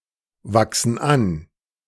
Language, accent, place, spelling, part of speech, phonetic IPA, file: German, Germany, Berlin, wachsen an, verb, [ˌvaksn̩ ˈan], De-wachsen an.ogg
- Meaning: inflection of anwachsen: 1. first/third-person plural present 2. first/third-person plural subjunctive I